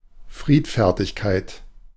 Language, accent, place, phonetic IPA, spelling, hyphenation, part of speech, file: German, Germany, Berlin, [ˈfʀiːtˌfɛʁtɪçkaɪ̯t], Friedfertigkeit, Fried‧fer‧tig‧keit, noun, De-Friedfertigkeit.ogg
- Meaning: desire for peace